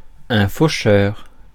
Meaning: 1. a scyther 2. harvestman; daddy longlegs
- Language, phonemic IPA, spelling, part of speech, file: French, /fo.ʃœʁ/, faucheur, noun, Fr-faucheur.ogg